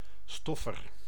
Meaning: duster, often used in combination with a dustpan
- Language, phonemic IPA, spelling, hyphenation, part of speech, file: Dutch, /ˈstɔ.fər/, stoffer, stof‧fer, noun, Nl-stoffer.ogg